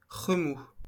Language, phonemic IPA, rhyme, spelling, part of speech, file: French, /ʁə.mu/, -u, remous, noun, LL-Q150 (fra)-remous.wav
- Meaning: 1. eddy, backwash 2. swirl, wash; turmoil